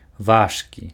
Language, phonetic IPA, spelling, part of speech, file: Belarusian, [ˈvaʂkʲi], важкі, adjective, Be-важкі.ogg
- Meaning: 1. heavy, weighty 2. valuable, important